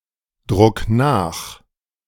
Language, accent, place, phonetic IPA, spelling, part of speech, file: German, Germany, Berlin, [ˌdʁʊk ˈnaːx], druck nach, verb, De-druck nach.ogg
- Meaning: 1. singular imperative of nachdrucken 2. first-person singular present of nachdrucken